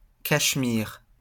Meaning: Kashmiri (language)
- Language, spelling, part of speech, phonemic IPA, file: French, cachemiri, noun, /kaʃ.mi.ʁi/, LL-Q150 (fra)-cachemiri.wav